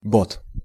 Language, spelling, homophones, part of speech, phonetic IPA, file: Russian, бод, бот, noun, [bot], Ru-бод.ogg
- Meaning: baud